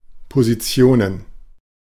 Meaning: plural of Position
- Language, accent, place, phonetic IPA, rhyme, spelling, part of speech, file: German, Germany, Berlin, [poziˈt͡si̯oːnən], -oːnən, Positionen, noun, De-Positionen.ogg